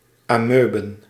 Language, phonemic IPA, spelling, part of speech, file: Dutch, /ɑˈmøbə(n)/, amoeben, noun, Nl-amoeben.ogg
- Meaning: plural of amoebe